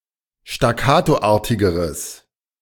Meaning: strong/mixed nominative/accusative neuter singular comparative degree of staccatoartig
- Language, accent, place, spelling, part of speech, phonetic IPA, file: German, Germany, Berlin, staccatoartigeres, adjective, [ʃtaˈkaːtoˌʔaːɐ̯tɪɡəʁəs], De-staccatoartigeres.ogg